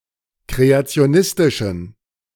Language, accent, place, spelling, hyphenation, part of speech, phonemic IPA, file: German, Germany, Berlin, kreationistischen, kre‧a‧ti‧o‧nis‧ti‧schen, adjective, /ˌkʁeat͡si̯oˈnɪstɪʃn̩/, De-kreationistischen.ogg
- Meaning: inflection of kreationistisch: 1. strong genitive masculine/neuter singular 2. weak/mixed genitive/dative all-gender singular 3. strong/weak/mixed accusative masculine singular 4. strong dative plural